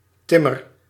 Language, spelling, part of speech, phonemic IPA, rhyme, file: Dutch, timmer, noun / verb, /ˈtɪmər/, -ɪmər, Nl-timmer.ogg
- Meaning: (noun) 1. building, construction 2. construction work 3. room, chamber 4. act of building or carpentry 5. building material; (verb) inflection of timmeren: first-person singular present indicative